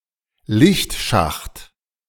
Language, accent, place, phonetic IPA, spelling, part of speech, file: German, Germany, Berlin, [ˈlɪçtˌʃaxt], Lichtschacht, noun, De-Lichtschacht.ogg
- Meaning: lightwell